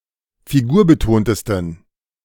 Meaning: 1. superlative degree of figurbetont 2. inflection of figurbetont: strong genitive masculine/neuter singular superlative degree
- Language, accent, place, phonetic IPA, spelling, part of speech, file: German, Germany, Berlin, [fiˈɡuːɐ̯bəˌtoːntəstn̩], figurbetontesten, adjective, De-figurbetontesten.ogg